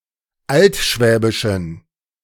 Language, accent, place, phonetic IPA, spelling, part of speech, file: German, Germany, Berlin, [ˈaltˌʃvɛːbɪʃn̩], altschwäbischen, adjective, De-altschwäbischen.ogg
- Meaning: inflection of altschwäbisch: 1. strong genitive masculine/neuter singular 2. weak/mixed genitive/dative all-gender singular 3. strong/weak/mixed accusative masculine singular 4. strong dative plural